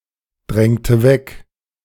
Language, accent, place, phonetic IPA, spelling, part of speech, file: German, Germany, Berlin, [ˌdʁɛŋtə ˈvɛk], drängte weg, verb, De-drängte weg.ogg
- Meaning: inflection of wegdrängen: 1. first/third-person singular preterite 2. first/third-person singular subjunctive II